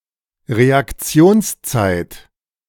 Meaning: reaction time
- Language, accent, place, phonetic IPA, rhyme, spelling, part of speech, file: German, Germany, Berlin, [ʁeakˈt͡si̯oːnsˌt͡saɪ̯t], -oːnst͡saɪ̯t, Reaktionszeit, noun, De-Reaktionszeit.ogg